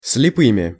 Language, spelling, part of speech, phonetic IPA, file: Russian, слепыми, noun, [s⁽ʲ⁾lʲɪˈpɨmʲɪ], Ru-слепыми.ogg
- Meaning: instrumental plural of слепо́й (slepój)